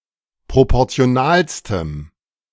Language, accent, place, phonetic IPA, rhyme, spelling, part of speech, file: German, Germany, Berlin, [ˌpʁopɔʁt͡si̯oˈnaːlstəm], -aːlstəm, proportionalstem, adjective, De-proportionalstem.ogg
- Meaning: strong dative masculine/neuter singular superlative degree of proportional